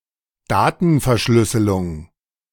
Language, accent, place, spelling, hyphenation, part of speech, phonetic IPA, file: German, Germany, Berlin, Datenverschlüsselung, Da‧ten‧ver‧schlüs‧se‧lung, noun, [ˈdaːtn̩fɛɐ̯ˌʃlʏsəlʊŋ], De-Datenverschlüsselung.ogg
- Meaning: data encryption